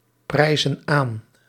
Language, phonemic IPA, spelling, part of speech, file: Dutch, /ˈprɛizə(n) ˈan/, prijzen aan, verb, Nl-prijzen aan.ogg
- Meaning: inflection of aanprijzen: 1. plural present indicative 2. plural present subjunctive